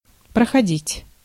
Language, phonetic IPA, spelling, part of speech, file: Russian, [prəxɐˈdʲitʲ], проходить, verb, Ru-проходить.ogg
- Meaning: 1. to pass, to go, to walk 2. to pass by 3. to pass, to go by, to elapse, to slip by 4. to be over 5. to go off, to be held 6. to study